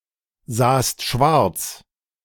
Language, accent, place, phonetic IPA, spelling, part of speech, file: German, Germany, Berlin, [ˌzaːst ˈʃvaʁt͡s], sahst schwarz, verb, De-sahst schwarz.ogg
- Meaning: second-person singular preterite of schwarzsehen